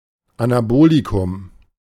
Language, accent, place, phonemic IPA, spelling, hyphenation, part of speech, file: German, Germany, Berlin, /anaˈboːlikʊm/, Anabolikum, Ana‧bo‧li‧kum, noun, De-Anabolikum.ogg
- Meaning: anabolic medication